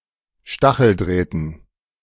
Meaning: dative plural of Stacheldraht
- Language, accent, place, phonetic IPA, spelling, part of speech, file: German, Germany, Berlin, [ˈʃtaxl̩ˌdʁɛːtn̩], Stacheldrähten, noun, De-Stacheldrähten.ogg